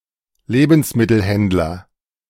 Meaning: grocer, food retailer (male or of unspecified sex)
- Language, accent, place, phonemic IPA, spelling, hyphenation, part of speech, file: German, Germany, Berlin, /ˈleːbənsmɪtəlˌhɛndlɐ/, Lebensmittelhändler, Le‧bens‧mit‧tel‧händ‧ler, noun, De-Lebensmittelhändler.ogg